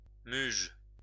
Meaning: mullet (fish)
- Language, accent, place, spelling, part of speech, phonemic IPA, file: French, France, Lyon, muge, noun, /myʒ/, LL-Q150 (fra)-muge.wav